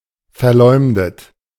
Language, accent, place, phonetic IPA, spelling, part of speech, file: German, Germany, Berlin, [fɛɐ̯ˈlɔɪ̯mdət], verleumdet, verb, De-verleumdet.ogg
- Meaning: past participle of verleumden